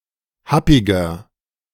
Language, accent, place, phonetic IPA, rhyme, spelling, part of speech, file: German, Germany, Berlin, [ˈhapɪɡɐ], -apɪɡɐ, happiger, adjective, De-happiger.ogg
- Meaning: 1. comparative degree of happig 2. inflection of happig: strong/mixed nominative masculine singular 3. inflection of happig: strong genitive/dative feminine singular